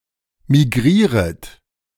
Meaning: second-person plural subjunctive I of migrieren
- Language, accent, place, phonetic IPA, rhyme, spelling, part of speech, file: German, Germany, Berlin, [miˈɡʁiːʁət], -iːʁət, migrieret, verb, De-migrieret.ogg